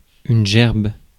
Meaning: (noun) 1. sheaf (of wheat) 2. spray, bouquet (of flowers) 3. collection, anthology (of pieces of literature) 4. garb 5. tithe on crops under the Ancien Régime 6. puke, throw up (vomit)
- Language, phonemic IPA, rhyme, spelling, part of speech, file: French, /ʒɛʁb/, -ɛʁb, gerbe, noun / verb, Fr-gerbe.ogg